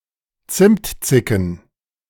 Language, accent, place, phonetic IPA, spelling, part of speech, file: German, Germany, Berlin, [ˈt͡sɪmtˌt͡sɪkn̩], Zimtzicken, noun, De-Zimtzicken.ogg
- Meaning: plural of Zimtzicke